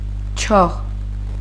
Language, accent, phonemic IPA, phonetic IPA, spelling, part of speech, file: Armenian, Eastern Armenian, /t͡ʃʰɑʁ/, [t͡ʃʰɑʁ], չաղ, adjective, Hy-չաղ.ogg
- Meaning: 1. fat, full, portly 2. blazing, alight (of fire) 3. rich, affluent, prosperous